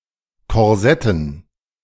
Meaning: dative plural of Korsett
- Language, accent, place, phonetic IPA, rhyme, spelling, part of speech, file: German, Germany, Berlin, [kɔʁˈzɛtn̩], -ɛtn̩, Korsetten, noun, De-Korsetten.ogg